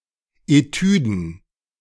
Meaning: plural of Etüde
- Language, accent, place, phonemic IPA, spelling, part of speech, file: German, Germany, Berlin, /eˈtyːdn̩/, Etüden, noun, De-Etüden.ogg